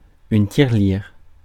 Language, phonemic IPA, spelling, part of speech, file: French, /tiʁ.liʁ/, tirelire, noun, Fr-tirelire.ogg
- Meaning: 1. piggy bank 2. head 3. gash, vulva